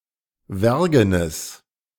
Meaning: strong/mixed nominative/accusative neuter singular of wergen
- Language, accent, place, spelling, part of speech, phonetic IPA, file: German, Germany, Berlin, wergenes, adjective, [ˈvɛʁɡənəs], De-wergenes.ogg